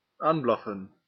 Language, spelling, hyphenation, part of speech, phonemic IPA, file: Dutch, aanblaffen, aan‧blaf‧fen, verb, /ˈaːnˌblɑ.fə(n)/, Nl-aanblaffen.ogg
- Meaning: 1. to bark at 2. to shout at (in an unsympathetic manner)